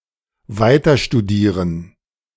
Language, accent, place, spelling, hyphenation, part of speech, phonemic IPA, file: German, Germany, Berlin, weiterstudieren, wei‧ter‧stu‧die‧ren, verb, /ˈvaɪ̯tɐʃtuˌdiːʁən/, De-weiterstudieren.ogg
- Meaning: to continue one's studies